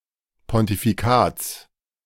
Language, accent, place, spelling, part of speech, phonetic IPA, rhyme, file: German, Germany, Berlin, Pontifikats, noun, [pɔntifiˈkaːt͡s], -aːt͡s, De-Pontifikats.ogg
- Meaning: genitive of Pontifikat